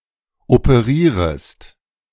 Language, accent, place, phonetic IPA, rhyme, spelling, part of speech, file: German, Germany, Berlin, [opəˈʁiːʁəst], -iːʁəst, operierest, verb, De-operierest.ogg
- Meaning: second-person singular subjunctive I of operieren